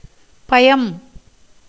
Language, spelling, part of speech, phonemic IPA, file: Tamil, பயம், noun, /pɐjɐm/, Ta-பயம்.ogg
- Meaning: 1. fear, dread, alarm 2. profit, gain, advantage 3. fruit 4. sweetness, advantage 5. water 6. milk 7. tank 8. nectar